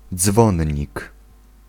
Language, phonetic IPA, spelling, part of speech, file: Polish, [ˈd͡zvɔ̃ɲːik], dzwonnik, noun, Pl-dzwonnik.ogg